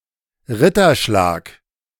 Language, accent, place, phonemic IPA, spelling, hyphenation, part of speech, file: German, Germany, Berlin, /ˈʁɪtɐˌʃlaːk/, Ritterschlag, Ritter‧schlag, noun, De-Ritterschlag.ogg
- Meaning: accolade, knightly accolade